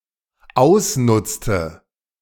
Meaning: inflection of ausnutzen: 1. first/third-person singular dependent preterite 2. first/third-person singular dependent subjunctive II
- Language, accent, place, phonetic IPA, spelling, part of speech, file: German, Germany, Berlin, [ˈaʊ̯sˌnʊt͡stə], ausnutzte, verb, De-ausnutzte.ogg